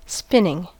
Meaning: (noun) 1. The motion of something that spins 2. The process of converting fibres into yarn or thread 3. Indoor cycling on an exercise bicycle; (verb) present participle and gerund of spin
- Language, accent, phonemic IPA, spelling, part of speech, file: English, US, /ˈspɪnɪŋ/, spinning, noun / verb, En-us-spinning.ogg